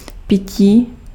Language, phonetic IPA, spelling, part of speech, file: Czech, [ˈpɪciː], pití, noun, Cs-pití.ogg
- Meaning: 1. verbal noun of pít 2. drinking (the act of drinking) 3. drink, beverage